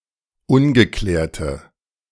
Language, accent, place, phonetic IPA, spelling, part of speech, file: German, Germany, Berlin, [ˈʊnɡəˌklɛːɐ̯tə], ungeklärte, adjective, De-ungeklärte.ogg
- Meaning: inflection of ungeklärt: 1. strong/mixed nominative/accusative feminine singular 2. strong nominative/accusative plural 3. weak nominative all-gender singular